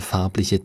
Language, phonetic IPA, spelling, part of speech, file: German, [ˈfaʁplɪçə], farbliche, adjective, De-farbliche.ogg
- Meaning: inflection of farblich: 1. strong/mixed nominative/accusative feminine singular 2. strong nominative/accusative plural 3. weak nominative all-gender singular